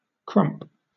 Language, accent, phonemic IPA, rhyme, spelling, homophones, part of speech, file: English, Southern England, /kɹʌmp/, -ʌmp, crump, Crump / krump, noun / verb / adjective, LL-Q1860 (eng)-crump.wav
- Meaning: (noun) The sound of a muffled explosion; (verb) To produce such a sound; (adjective) 1. Hard or crusty; dry baked 2. Crooked; bent; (verb) To decline rapidly in health (but not as rapidly as crash)